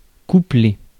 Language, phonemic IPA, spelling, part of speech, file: French, /ku.ple/, coupler, verb, Fr-coupler.ogg
- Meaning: to couple